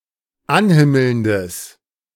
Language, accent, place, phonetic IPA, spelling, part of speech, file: German, Germany, Berlin, [ˈanˌhɪml̩ndəs], anhimmelndes, adjective, De-anhimmelndes.ogg
- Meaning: strong/mixed nominative/accusative neuter singular of anhimmelnd